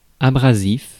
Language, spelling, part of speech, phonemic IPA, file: French, abrasif, adjective / noun, /a.bʁa.zif/, Fr-abrasif.ogg
- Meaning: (adjective) able to abrade a surface when scrubbed against it; abrasive; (noun) a usually granular abrasive substance used to polish or clean a surface